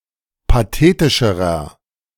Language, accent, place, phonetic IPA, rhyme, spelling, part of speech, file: German, Germany, Berlin, [paˈteːtɪʃəʁɐ], -eːtɪʃəʁɐ, pathetischerer, adjective, De-pathetischerer.ogg
- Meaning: inflection of pathetisch: 1. strong/mixed nominative masculine singular comparative degree 2. strong genitive/dative feminine singular comparative degree 3. strong genitive plural comparative degree